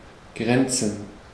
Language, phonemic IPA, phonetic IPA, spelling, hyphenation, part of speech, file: German, /ˈɡʁɛntsən/, [ˈɡʁɛntsn̩], grenzen, gren‧zen, verb, De-grenzen.ogg
- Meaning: 1. to border 2. to come close to, to almost be (to be very similar)